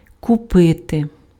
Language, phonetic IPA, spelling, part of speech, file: Ukrainian, [kʊˈpɪte], купити, verb, Uk-купити.ogg
- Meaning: to buy, to purchase